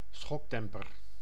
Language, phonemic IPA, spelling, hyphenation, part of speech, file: Dutch, /ˈsxɔkˌdɛm.pər/, schokdemper, schok‧dem‧per, noun, Nl-schokdemper.ogg
- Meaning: shock absorber